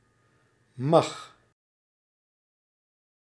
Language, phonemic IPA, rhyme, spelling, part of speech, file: Dutch, /mɑx/, -ɑx, mag, verb, Nl-mag.ogg
- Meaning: inflection of mogen: 1. first/second/third-person singular present indicative 2. imperative